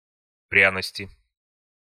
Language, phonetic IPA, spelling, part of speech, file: Russian, [ˈprʲanəsʲtʲɪ], пряности, noun, Ru-пряности.ogg
- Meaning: inflection of пря́ность (prjánostʹ): 1. genitive/dative/prepositional singular 2. nominative/accusative plural